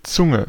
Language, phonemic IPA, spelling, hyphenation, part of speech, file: German, /ˈt͡sʊŋə/, Zunge, Zun‧ge, noun, De-Zunge.ogg
- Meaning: 1. tongue (organ in the mouth) 2. tongue (flap in a shoe) 3. language